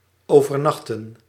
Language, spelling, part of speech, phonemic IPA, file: Dutch, overnachten, verb, /ˌoː.vərˈnɑx.tə(n)/, Nl-overnachten.ogg
- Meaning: to stay overnight, spend the night